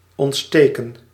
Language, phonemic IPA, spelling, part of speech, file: Dutch, /ˌɔntˈsteː.kə(n)/, ontsteken, verb, Nl-ontsteken.ogg
- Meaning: 1. to kindle 2. to turn on (a light) 3. to inflame (to put in a state of inflammation)